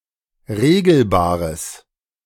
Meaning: strong/mixed nominative/accusative neuter singular of regelbar
- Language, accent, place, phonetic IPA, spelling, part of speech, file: German, Germany, Berlin, [ˈʁeːɡl̩baːʁəs], regelbares, adjective, De-regelbares.ogg